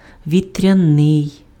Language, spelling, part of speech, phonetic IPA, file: Ukrainian, вітряний, adjective, [ʋʲitʲrʲɐˈnɪi̯], Uk-вітряний.ogg
- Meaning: wind (attributive), wind-powered